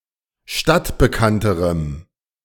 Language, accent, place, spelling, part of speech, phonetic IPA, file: German, Germany, Berlin, stadtbekannterem, adjective, [ˈʃtatbəˌkantəʁəm], De-stadtbekannterem.ogg
- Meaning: strong dative masculine/neuter singular comparative degree of stadtbekannt